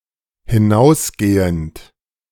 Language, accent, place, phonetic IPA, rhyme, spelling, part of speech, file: German, Germany, Berlin, [hɪˈnaʊ̯sˌɡeːənt], -aʊ̯sɡeːənt, hinausgehend, verb, De-hinausgehend.ogg
- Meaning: present participle of hinausgehen